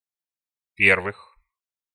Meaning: genitive/prepositional plural of пе́рвое (pérvoje)
- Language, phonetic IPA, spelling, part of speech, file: Russian, [ˈpʲervɨx], первых, noun, Ru-первых.ogg